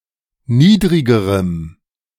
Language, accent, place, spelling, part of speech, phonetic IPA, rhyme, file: German, Germany, Berlin, niedrigerem, adjective, [ˈniːdʁɪɡəʁəm], -iːdʁɪɡəʁəm, De-niedrigerem.ogg
- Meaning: strong dative masculine/neuter singular comparative degree of niedrig